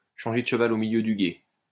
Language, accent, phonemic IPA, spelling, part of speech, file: French, France, /ʃɑ̃.ʒe də ʃ(ə).val o mi.ljø dy ɡe/, changer de cheval au milieu du gué, verb, LL-Q150 (fra)-changer de cheval au milieu du gué.wav
- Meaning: to change horses in midstream